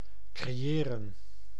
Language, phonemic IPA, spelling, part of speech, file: Dutch, /kreːˈeːrə(n)/, creëren, verb, Nl-creëren.ogg
- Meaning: 1. to create, make, put into existence 2. to design creatively 3. to appoint, invest with an office etc 4. to establish, erect, found 5. to cause, be responsible for